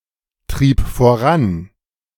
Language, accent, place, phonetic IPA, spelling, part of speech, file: German, Germany, Berlin, [ˌtʁiːp foˈʁan], trieb voran, verb, De-trieb voran.ogg
- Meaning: first/third-person singular preterite of vorantreiben